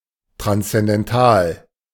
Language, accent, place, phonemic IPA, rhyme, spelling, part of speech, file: German, Germany, Berlin, /tʁanst͡sɛndɛnˈtaːl/, -aːl, transzendental, adjective, De-transzendental.ogg
- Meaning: transcendental